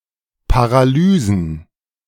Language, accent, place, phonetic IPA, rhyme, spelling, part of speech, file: German, Germany, Berlin, [paʁaˈlyːzn̩], -yːzn̩, Paralysen, noun, De-Paralysen.ogg
- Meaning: plural of Paralyse